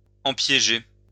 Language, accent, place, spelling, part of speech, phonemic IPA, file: French, France, Lyon, empiéger, verb, /ɑ̃.pje.ʒe/, LL-Q150 (fra)-empiéger.wav
- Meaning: to trap